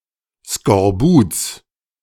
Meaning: genitive singular of Skorbut
- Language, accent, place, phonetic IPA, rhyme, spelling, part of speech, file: German, Germany, Berlin, [skɔʁˈbuːt͡s], -uːt͡s, Skorbuts, noun, De-Skorbuts.ogg